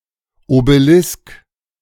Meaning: obelisk (a tall, square, tapered, stone monolith topped with a pyramidal point)
- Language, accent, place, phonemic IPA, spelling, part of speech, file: German, Germany, Berlin, /obəˈlɪsk/, Obelisk, noun, De-Obelisk.ogg